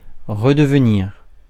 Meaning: to become again
- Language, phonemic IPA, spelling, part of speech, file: French, /ʁə.də.v(ə).niʁ/, redevenir, verb, Fr-redevenir.ogg